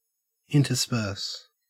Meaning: 1. To mix two things irregularly, placing things of one kind among things of other 2. To scatter or insert something into or among other things
- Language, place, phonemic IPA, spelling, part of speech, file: English, Queensland, /ˌɪntəˈspɜːs/, intersperse, verb, En-au-intersperse.ogg